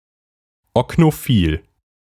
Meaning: ocnophilic
- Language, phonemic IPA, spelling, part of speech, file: German, /ɔknoˈfiːl/, oknophil, adjective, De-oknophil.ogg